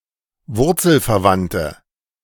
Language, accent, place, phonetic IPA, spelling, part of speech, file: German, Germany, Berlin, [ˈvʊʁt͡sl̩fɛɐ̯ˌvantə], wurzelverwandte, adjective, De-wurzelverwandte.ogg
- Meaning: inflection of wurzelverwandt: 1. strong/mixed nominative/accusative feminine singular 2. strong nominative/accusative plural 3. weak nominative all-gender singular